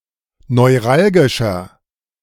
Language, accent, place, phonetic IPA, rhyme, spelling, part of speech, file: German, Germany, Berlin, [nɔɪ̯ˈʁalɡɪʃɐ], -alɡɪʃɐ, neuralgischer, adjective, De-neuralgischer.ogg
- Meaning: 1. comparative degree of neuralgisch 2. inflection of neuralgisch: strong/mixed nominative masculine singular 3. inflection of neuralgisch: strong genitive/dative feminine singular